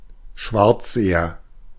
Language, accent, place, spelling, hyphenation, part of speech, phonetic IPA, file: German, Germany, Berlin, Schwarzseher, Schwarz‧se‧her, noun, [ˈʃvaʁt͡szeːɐ], De-Schwarzseher.ogg
- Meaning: 1. pessimist 2. someone who watches television without paying their television licence